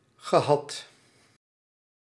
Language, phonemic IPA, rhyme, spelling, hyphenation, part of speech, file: Dutch, /ɣəˈɦɑt/, -ɑt, gehad, ge‧had, verb, Nl-gehad.ogg
- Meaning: past participle of hebben